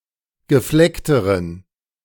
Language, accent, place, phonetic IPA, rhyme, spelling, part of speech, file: German, Germany, Berlin, [ɡəˈflɛktəʁən], -ɛktəʁən, gefleckteren, adjective, De-gefleckteren.ogg
- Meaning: inflection of gefleckt: 1. strong genitive masculine/neuter singular comparative degree 2. weak/mixed genitive/dative all-gender singular comparative degree